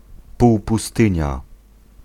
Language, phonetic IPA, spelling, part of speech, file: Polish, [ˌpuwpuˈstɨ̃ɲa], półpustynia, noun, Pl-półpustynia.ogg